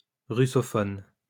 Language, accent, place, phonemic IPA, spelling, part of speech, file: French, France, Lyon, /ʁy.sɔ.fɔn/, russophone, noun / adjective, LL-Q150 (fra)-russophone.wav
- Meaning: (noun) Russophone